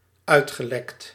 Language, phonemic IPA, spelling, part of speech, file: Dutch, /ˈœytxəˌlɛkt/, uitgelekt, verb, Nl-uitgelekt.ogg
- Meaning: past participle of uitlekken